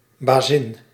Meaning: 1. female boss, chief, superior 2. female employer 3. female owner of a pet
- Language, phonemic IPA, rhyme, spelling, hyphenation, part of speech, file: Dutch, /baːˈzɪn/, -ɪn, bazin, ba‧zin, noun, Nl-bazin.ogg